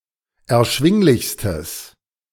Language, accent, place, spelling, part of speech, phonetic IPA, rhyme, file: German, Germany, Berlin, erschwinglichstes, adjective, [ɛɐ̯ˈʃvɪŋlɪçstəs], -ɪŋlɪçstəs, De-erschwinglichstes.ogg
- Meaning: strong/mixed nominative/accusative neuter singular superlative degree of erschwinglich